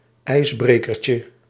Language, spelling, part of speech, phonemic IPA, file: Dutch, ijsbrekertje, noun, /ˈɛizbrekərcə/, Nl-ijsbrekertje.ogg
- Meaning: diminutive of ijsbreker